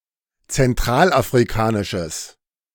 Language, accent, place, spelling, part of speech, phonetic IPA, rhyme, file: German, Germany, Berlin, zentralafrikanisches, adjective, [t͡sɛnˌtʁaːlʔafʁiˈkaːnɪʃəs], -aːnɪʃəs, De-zentralafrikanisches.ogg
- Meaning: strong/mixed nominative/accusative neuter singular of zentralafrikanisch